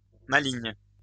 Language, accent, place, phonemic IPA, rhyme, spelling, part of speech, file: French, France, Lyon, /ma.liɲ/, -iɲ, maligne, adjective, LL-Q150 (fra)-maligne.wav
- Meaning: feminine singular of malin